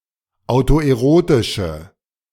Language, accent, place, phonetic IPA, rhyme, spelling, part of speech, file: German, Germany, Berlin, [aʊ̯toʔeˈʁoːtɪʃə], -oːtɪʃə, autoerotische, adjective, De-autoerotische.ogg
- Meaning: inflection of autoerotisch: 1. strong/mixed nominative/accusative feminine singular 2. strong nominative/accusative plural 3. weak nominative all-gender singular